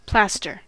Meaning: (noun) 1. A paste applied to the skin for healing or cosmetic purposes 2. A small adhesive bandage to cover a minor wound; a sticking plaster
- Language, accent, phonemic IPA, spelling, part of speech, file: English, US, /ˈplæstɚ/, plaster, noun / verb, En-us-plaster.ogg